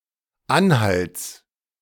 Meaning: genitive of Anhalt
- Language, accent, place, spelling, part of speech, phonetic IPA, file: German, Germany, Berlin, Anhalts, noun, [ˈanˌhalt͡s], De-Anhalts.ogg